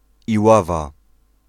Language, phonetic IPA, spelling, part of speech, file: Polish, [iˈwava], Iława, proper noun, Pl-Iława.ogg